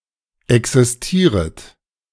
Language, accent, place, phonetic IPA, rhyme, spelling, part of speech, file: German, Germany, Berlin, [ˌɛksɪsˈtiːʁət], -iːʁət, existieret, verb, De-existieret.ogg
- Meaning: second-person plural subjunctive I of existieren